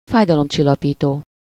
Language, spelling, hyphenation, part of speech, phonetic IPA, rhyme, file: Hungarian, fájdalomcsillapító, fáj‧da‧lom‧csil‧la‧pí‧tó, adjective / noun, [ˈfaːjdɒlomt͡ʃilːɒpiːtoː], -toː, Hu-fájdalomcsillapító.ogg
- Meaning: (adjective) analgesic, anodyne (capable of soothing or eliminating pain)